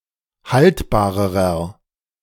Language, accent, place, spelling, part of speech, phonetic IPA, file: German, Germany, Berlin, haltbarerer, adjective, [ˈhaltbaːʁəʁɐ], De-haltbarerer.ogg
- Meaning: inflection of haltbar: 1. strong/mixed nominative masculine singular comparative degree 2. strong genitive/dative feminine singular comparative degree 3. strong genitive plural comparative degree